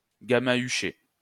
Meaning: to perform oral sex on (man or woman); to go down on
- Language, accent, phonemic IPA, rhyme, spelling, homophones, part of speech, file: French, France, /ɡa.ma.y.ʃe/, -e, gamahucher, gamahuchai / gamahuché / gamahuchée / gamahuchées / gamahuchés / gamahuchez, verb, LL-Q150 (fra)-gamahucher.wav